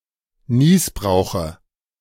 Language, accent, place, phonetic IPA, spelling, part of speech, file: German, Germany, Berlin, [ˈniːsbʁaʊ̯xə], Nießbrauche, noun, De-Nießbrauche.ogg
- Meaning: dative of Nießbrauch